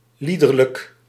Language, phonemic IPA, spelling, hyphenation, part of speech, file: Dutch, /ˈli.dər.lək/, liederlijk, lie‧der‧lijk, adjective, Nl-liederlijk.ogg
- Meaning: perverse, of loose morals, degenerate